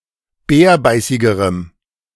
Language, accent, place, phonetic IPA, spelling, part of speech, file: German, Germany, Berlin, [ˈbɛːɐ̯ˌbaɪ̯sɪɡəʁəm], bärbeißigerem, adjective, De-bärbeißigerem.ogg
- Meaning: strong dative masculine/neuter singular comparative degree of bärbeißig